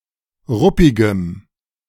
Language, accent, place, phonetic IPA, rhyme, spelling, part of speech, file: German, Germany, Berlin, [ˈʁʊpɪɡəm], -ʊpɪɡəm, ruppigem, adjective, De-ruppigem.ogg
- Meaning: strong dative masculine/neuter singular of ruppig